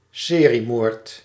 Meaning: serial killing
- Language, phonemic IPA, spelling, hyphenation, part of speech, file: Dutch, /ˈseː.riˌmoːrt/, seriemoord, se‧rie‧moord, noun, Nl-seriemoord.ogg